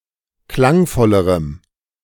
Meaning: strong dative masculine/neuter singular comparative degree of klangvoll
- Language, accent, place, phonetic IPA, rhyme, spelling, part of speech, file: German, Germany, Berlin, [ˈklaŋˌfɔləʁəm], -aŋfɔləʁəm, klangvollerem, adjective, De-klangvollerem.ogg